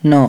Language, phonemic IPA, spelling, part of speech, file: Odia, /n̪ɔ/, ନ, character, Or-ନ.ogg
- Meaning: The thirty-fourth character in the Odia abugida